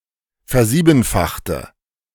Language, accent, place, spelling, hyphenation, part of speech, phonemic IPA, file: German, Germany, Berlin, versiebenfachte, ver‧sie‧ben‧fach‧te, verb, /fɛɐ̯ˈziːbn̩faxtə/, De-versiebenfachte.ogg
- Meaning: inflection of versiebenfachen: 1. first/third-person singular preterite 2. first/third-person singular subjunctive II